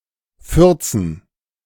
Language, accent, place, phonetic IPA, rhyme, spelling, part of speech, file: German, Germany, Berlin, [ˈfʏʁt͡sn̩], -ʏʁt͡sn̩, Fürzen, noun, De-Fürzen.ogg
- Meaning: dative plural of Furz